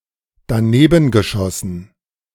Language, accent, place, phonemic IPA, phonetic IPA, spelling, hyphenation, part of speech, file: German, Germany, Berlin, /daˈnebənɡəˌʃɔsən/, [daˈneːbn̩ɡəˌʃɔsn̩], danebengeschossen, da‧ne‧ben‧ge‧schos‧sen, verb, De-danebengeschossen.ogg
- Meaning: past participle of danebenschießen